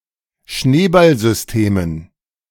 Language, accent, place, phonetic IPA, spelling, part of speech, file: German, Germany, Berlin, [ˈʃneːbalzʏsˌteːmən], Schneeballsystemen, noun, De-Schneeballsystemen.ogg
- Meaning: dative plural of Schneeballsystem